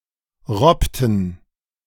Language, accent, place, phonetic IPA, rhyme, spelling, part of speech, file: German, Germany, Berlin, [ˈʁɔptn̩], -ɔptn̩, robbten, verb, De-robbten.ogg
- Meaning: inflection of robben: 1. first/third-person plural preterite 2. first/third-person plural subjunctive II